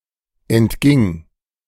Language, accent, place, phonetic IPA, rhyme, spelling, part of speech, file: German, Germany, Berlin, [ɛntˈɡɪŋ], -ɪŋ, entging, verb, De-entging.ogg
- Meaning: first/third-person singular preterite of entgehen